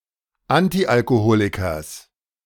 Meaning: genitive of Antialkoholiker
- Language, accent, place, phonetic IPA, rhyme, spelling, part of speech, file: German, Germany, Berlin, [ˈantiʔalkoˌhoːlɪkɐs], -oːlɪkɐs, Antialkoholikers, noun, De-Antialkoholikers.ogg